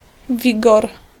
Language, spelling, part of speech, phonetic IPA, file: Polish, wigor, noun, [ˈvʲiɡɔr], Pl-wigor.ogg